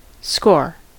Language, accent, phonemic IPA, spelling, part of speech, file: English, US, /skoɹ/, score, noun / verb / interjection, En-us-score.ogg
- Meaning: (noun) The total number of goals, points, runs, etc. earned by a participant in a game